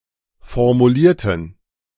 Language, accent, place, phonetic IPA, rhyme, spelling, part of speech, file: German, Germany, Berlin, [fɔʁmuˈliːɐ̯tn̩], -iːɐ̯tn̩, formulierten, adjective / verb, De-formulierten.ogg
- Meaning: inflection of formulieren: 1. first/third-person plural preterite 2. first/third-person plural subjunctive II